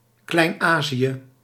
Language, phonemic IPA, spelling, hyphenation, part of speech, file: Dutch, /ˌklɛi̯nˈaː.zi.ə/, Klein-Azië, Klein-Azië, proper noun, Nl-Klein-Azië.ogg
- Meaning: Asia Minor (Anatolian peninsula)